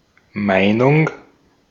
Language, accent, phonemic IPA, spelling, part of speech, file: German, Austria, /ˈmaɪ̯nʊŋ/, Meinung, noun, De-at-Meinung.ogg
- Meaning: opinion